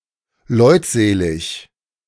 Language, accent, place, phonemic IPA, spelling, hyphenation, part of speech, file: German, Germany, Berlin, /ˈlɔɪ̯tˌzeːlɪk/, leutselig, leut‧se‧lig, adjective, De-leutselig.ogg
- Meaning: sociable, affable